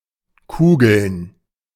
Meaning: to roll or bowl
- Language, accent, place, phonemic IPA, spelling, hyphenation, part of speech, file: German, Germany, Berlin, /ˈkuːɡl̩n/, kugeln, ku‧geln, verb, De-kugeln.ogg